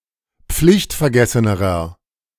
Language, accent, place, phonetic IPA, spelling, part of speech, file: German, Germany, Berlin, [ˈp͡flɪçtfɛɐ̯ˌɡɛsənəʁɐ], pflichtvergessenerer, adjective, De-pflichtvergessenerer.ogg
- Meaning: inflection of pflichtvergessen: 1. strong/mixed nominative masculine singular comparative degree 2. strong genitive/dative feminine singular comparative degree